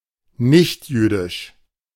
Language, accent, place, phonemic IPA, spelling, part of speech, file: German, Germany, Berlin, /ˈnɪçtˌjyːdɪʃ/, nichtjüdisch, adjective, De-nichtjüdisch.ogg
- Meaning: non-Jewish, Gentile / gentile